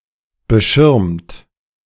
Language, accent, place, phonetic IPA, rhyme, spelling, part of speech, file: German, Germany, Berlin, [bəˈʃɪʁmt], -ɪʁmt, beschirmt, verb, De-beschirmt.ogg
- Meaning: 1. past participle of beschirmen 2. inflection of beschirmen: second-person plural present 3. inflection of beschirmen: third-person singular present 4. inflection of beschirmen: plural imperative